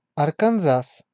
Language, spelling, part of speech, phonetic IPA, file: Russian, Арканзас, proper noun, [ɐrkɐnˈzas], Ru-Арканзас.ogg
- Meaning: Arkansas (a state in the South Central region of the United States)